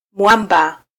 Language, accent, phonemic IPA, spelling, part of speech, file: Swahili, Kenya, /ˈmʷɑ.ᵐbɑ/, mwamba, noun, Sw-ke-mwamba.flac
- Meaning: rock, cliff, crag (mass of projecting rock)